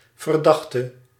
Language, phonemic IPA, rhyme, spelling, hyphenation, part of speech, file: Dutch, /vərˈdɑx.tə/, -ɑxtə, verdachte, ver‧dach‧te, noun / adjective / verb, Nl-verdachte.ogg
- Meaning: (noun) defendant, suspect; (adjective) inflection of verdacht: 1. masculine/feminine singular attributive 2. definite neuter singular attributive 3. plural attributive